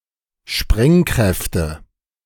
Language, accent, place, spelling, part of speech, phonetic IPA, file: German, Germany, Berlin, Sprengkräfte, noun, [ˈʃpʁɛŋˌkʁɛftə], De-Sprengkräfte.ogg
- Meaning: nominative/accusative/genitive plural of Sprengkraft